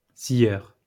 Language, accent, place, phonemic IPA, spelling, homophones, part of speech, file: French, France, Lyon, /sjœʁ/, scieur, sieur, noun, LL-Q150 (fra)-scieur.wav
- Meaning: sawyer